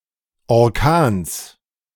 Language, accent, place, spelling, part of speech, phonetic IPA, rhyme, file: German, Germany, Berlin, Orkans, noun, [ɔʁˈkaːns], -aːns, De-Orkans.ogg
- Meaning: genitive singular of Orkan